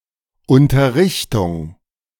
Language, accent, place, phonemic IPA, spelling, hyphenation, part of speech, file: German, Germany, Berlin, /ˌʊntɐˈʁɪçtʊŋ/, Unterrichtung, Un‧ter‧rich‧tung, noun, De-Unterrichtung.ogg
- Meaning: 1. information, notification 2. instruction, tuition